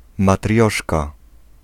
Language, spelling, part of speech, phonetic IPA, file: Polish, matrioszka, noun, [maˈtrʲjɔʃka], Pl-matrioszka.ogg